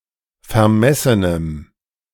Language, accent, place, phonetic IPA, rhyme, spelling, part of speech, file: German, Germany, Berlin, [fɛɐ̯ˈmɛsənəm], -ɛsənəm, vermessenem, adjective, De-vermessenem.ogg
- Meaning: strong dative masculine/neuter singular of vermessen